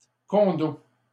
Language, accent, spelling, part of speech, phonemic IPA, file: French, Canada, condos, noun, /kɔ̃.do/, LL-Q150 (fra)-condos.wav
- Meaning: plural of condo